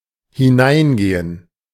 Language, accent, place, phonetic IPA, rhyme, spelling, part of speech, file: German, Germany, Berlin, [hɪˈnaɪ̯nˌɡeːən], -aɪ̯nɡeːən, hineingehen, verb, De-hineingehen.ogg
- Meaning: to go in, to go inside